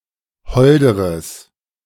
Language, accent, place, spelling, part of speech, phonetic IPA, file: German, Germany, Berlin, holderes, adjective, [ˈhɔldəʁəs], De-holderes.ogg
- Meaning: strong/mixed nominative/accusative neuter singular comparative degree of hold